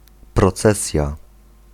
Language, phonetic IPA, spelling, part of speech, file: Polish, [prɔˈt͡sɛsʲja], procesja, noun, Pl-procesja.ogg